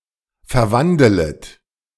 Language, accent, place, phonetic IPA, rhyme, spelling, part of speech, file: German, Germany, Berlin, [fɛɐ̯ˈvandələt], -andələt, verwandelet, verb, De-verwandelet.ogg
- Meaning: second-person plural subjunctive I of verwandeln